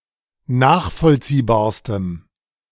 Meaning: strong dative masculine/neuter singular superlative degree of nachvollziehbar
- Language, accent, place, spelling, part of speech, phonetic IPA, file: German, Germany, Berlin, nachvollziehbarstem, adjective, [ˈnaːxfɔlt͡siːbaːɐ̯stəm], De-nachvollziehbarstem.ogg